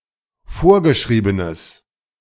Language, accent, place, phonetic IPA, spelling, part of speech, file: German, Germany, Berlin, [ˈfoːɐ̯ɡəˌʃʁiːbənəs], vorgeschriebenes, adjective, De-vorgeschriebenes.ogg
- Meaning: strong/mixed nominative/accusative neuter singular of vorgeschrieben